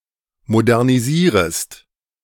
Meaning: second-person singular subjunctive I of modernisieren
- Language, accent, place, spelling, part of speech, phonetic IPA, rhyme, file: German, Germany, Berlin, modernisierest, verb, [modɛʁniˈziːʁəst], -iːʁəst, De-modernisierest.ogg